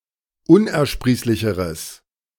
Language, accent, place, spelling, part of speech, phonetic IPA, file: German, Germany, Berlin, unersprießlicheres, adjective, [ˈʊnʔɛɐ̯ˌʃpʁiːslɪçəʁəs], De-unersprießlicheres.ogg
- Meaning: strong/mixed nominative/accusative neuter singular comparative degree of unersprießlich